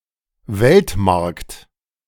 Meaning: global market
- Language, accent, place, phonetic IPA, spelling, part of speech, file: German, Germany, Berlin, [ˈvɛltˌmaʁkt], Weltmarkt, noun, De-Weltmarkt.ogg